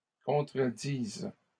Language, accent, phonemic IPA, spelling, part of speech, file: French, Canada, /kɔ̃.tʁə.diz/, contredisent, verb, LL-Q150 (fra)-contredisent.wav
- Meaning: third-person plural present indicative/subjunctive of contredire